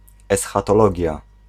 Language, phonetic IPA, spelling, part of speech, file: Polish, [ˌɛsxatɔˈlɔɟja], eschatologia, noun, Pl-eschatologia.ogg